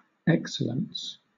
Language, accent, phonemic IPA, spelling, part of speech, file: English, Southern England, /ˈɛksələns/, excellence, noun, LL-Q1860 (eng)-excellence.wav
- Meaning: 1. The quality of being excellent; brilliance 2. Something in which one excels 3. An excellent or valuable quality; something at which any someone excels; a virtue